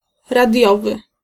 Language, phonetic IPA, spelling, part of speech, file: Polish, [raˈdʲjɔvɨ], radiowy, adjective, Pl-radiowy.ogg